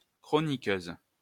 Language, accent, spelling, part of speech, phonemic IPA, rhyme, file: French, France, chroniqueuse, noun, /kʁɔ.ni.køz/, -øz, LL-Q150 (fra)-chroniqueuse.wav
- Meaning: female equivalent of chroniqueur